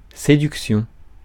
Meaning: seduction
- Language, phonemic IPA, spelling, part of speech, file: French, /se.dyk.sjɔ̃/, séduction, noun, Fr-séduction.ogg